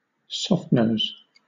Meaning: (adjective) Of a bullet: lacking a jacketed nose and thereby deforming greatly on impact, causing a large amount of damage; soft-nosed
- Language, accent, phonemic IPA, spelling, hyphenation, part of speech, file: English, Southern England, /ˈsɒftnəʊz/, softnose, soft‧nose, adjective / noun, LL-Q1860 (eng)-softnose.wav